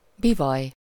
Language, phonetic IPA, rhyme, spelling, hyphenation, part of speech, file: Hungarian, [ˈbivɒj], -ɒj, bivaly, bi‧valy, noun, Hu-bivaly.ogg
- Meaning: buffalo